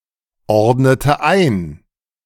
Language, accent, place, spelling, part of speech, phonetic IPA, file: German, Germany, Berlin, ordnete ein, verb, [ˌɔʁdnətə ˈaɪ̯n], De-ordnete ein.ogg
- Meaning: inflection of einordnen: 1. first/third-person singular preterite 2. first/third-person singular subjunctive II